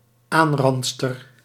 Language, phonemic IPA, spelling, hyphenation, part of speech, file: Dutch, /ˈaːnˌrɑn(t).stər/, aanrandster, aan‧rand‧ster, noun, Nl-aanrandster.ogg
- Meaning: female assailant